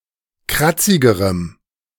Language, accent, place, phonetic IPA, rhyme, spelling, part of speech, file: German, Germany, Berlin, [ˈkʁat͡sɪɡəʁəm], -at͡sɪɡəʁəm, kratzigerem, adjective, De-kratzigerem.ogg
- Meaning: strong dative masculine/neuter singular comparative degree of kratzig